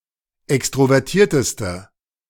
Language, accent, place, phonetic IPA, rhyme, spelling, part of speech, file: German, Germany, Berlin, [ˌɛkstʁovɛʁˈtiːɐ̯təstə], -iːɐ̯təstə, extrovertierteste, adjective, De-extrovertierteste.ogg
- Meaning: inflection of extrovertiert: 1. strong/mixed nominative/accusative feminine singular superlative degree 2. strong nominative/accusative plural superlative degree